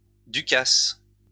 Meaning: any festival that takes place one every two years
- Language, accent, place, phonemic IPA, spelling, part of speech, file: French, France, Lyon, /dy.kas/, ducasse, noun, LL-Q150 (fra)-ducasse.wav